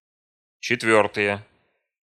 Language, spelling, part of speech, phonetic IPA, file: Russian, четвёртые, noun, [t͡ɕɪtˈvʲɵrtɨje], Ru-четвёртые.ogg
- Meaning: nominative/accusative plural of четвёртая (četvjórtaja)